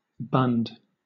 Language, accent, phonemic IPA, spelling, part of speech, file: English, Southern England, /bʌnd/, bund, noun / verb, LL-Q1860 (eng)-bund.wav
- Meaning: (noun) A secondary enclosure, typically consisting of a wall or berm, which surrounds a tank or fluid-handling mechanism, intended to contain any spills or leaks